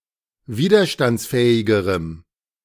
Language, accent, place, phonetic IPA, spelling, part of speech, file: German, Germany, Berlin, [ˈviːdɐʃtant͡sˌfɛːɪɡəʁəm], widerstandsfähigerem, adjective, De-widerstandsfähigerem.ogg
- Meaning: strong dative masculine/neuter singular comparative degree of widerstandsfähig